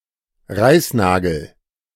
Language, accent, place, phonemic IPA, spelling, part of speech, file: German, Germany, Berlin, /ˈʁaɪ̯sˌnaːɡl̩/, Reißnagel, noun, De-Reißnagel.ogg
- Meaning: thumbtack